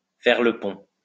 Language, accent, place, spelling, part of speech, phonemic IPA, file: French, France, Lyon, faire le pont, verb, /fɛʁ lə pɔ̃/, LL-Q150 (fra)-faire le pont.wav